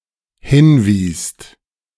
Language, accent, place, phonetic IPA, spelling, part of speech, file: German, Germany, Berlin, [ˈhɪnˌviːst], hinwiest, verb, De-hinwiest.ogg
- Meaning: second-person singular/plural dependent preterite of hinweisen